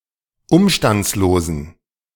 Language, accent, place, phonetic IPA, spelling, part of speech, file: German, Germany, Berlin, [ˈʊmʃtant͡sloːzn̩], umstandslosen, adjective, De-umstandslosen.ogg
- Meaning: inflection of umstandslos: 1. strong genitive masculine/neuter singular 2. weak/mixed genitive/dative all-gender singular 3. strong/weak/mixed accusative masculine singular 4. strong dative plural